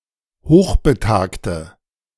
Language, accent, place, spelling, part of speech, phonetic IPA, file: German, Germany, Berlin, hochbetagte, adjective, [ˈhoːxbəˌtaːktə], De-hochbetagte.ogg
- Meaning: inflection of hochbetagt: 1. strong/mixed nominative/accusative feminine singular 2. strong nominative/accusative plural 3. weak nominative all-gender singular